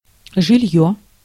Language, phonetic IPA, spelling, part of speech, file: Russian, [ʐɨˈlʲjɵ], жильё, noun, Ru-жильё.ogg
- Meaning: 1. housing, accommodation, dwelling, domicile 2. habitation (an inhabited place)